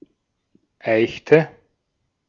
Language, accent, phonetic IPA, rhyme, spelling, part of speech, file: German, Austria, [ˈaɪ̯çtə], -aɪ̯çtə, eichte, verb, De-at-eichte.ogg
- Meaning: inflection of eichen: 1. first/third-person singular preterite 2. first/third-person singular subjunctive II